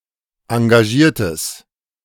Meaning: strong/mixed nominative/accusative neuter singular of engagiert
- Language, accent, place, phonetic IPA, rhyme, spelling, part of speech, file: German, Germany, Berlin, [ɑ̃ɡaˈʒiːɐ̯təs], -iːɐ̯təs, engagiertes, adjective, De-engagiertes.ogg